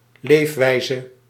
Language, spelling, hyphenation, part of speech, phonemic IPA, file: Dutch, leefwijze, leef‧wij‧ze, noun, /ˈlefwɛizə/, Nl-leefwijze.ogg
- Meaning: way of life